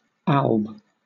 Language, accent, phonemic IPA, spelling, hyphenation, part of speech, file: English, Southern England, /ˈɑːlb/, alb, alb, noun, LL-Q1860 (eng)-alb.wav
- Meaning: A long, white robe worn by priests and other ministers, underneath most of the other vestments